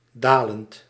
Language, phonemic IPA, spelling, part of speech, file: Dutch, /ˈdalənt/, dalend, verb / adjective, Nl-dalend.ogg
- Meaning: present participle of dalen